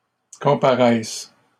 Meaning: third-person plural present indicative/subjunctive of comparaître
- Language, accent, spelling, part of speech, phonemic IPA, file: French, Canada, comparaissent, verb, /kɔ̃.pa.ʁɛs/, LL-Q150 (fra)-comparaissent.wav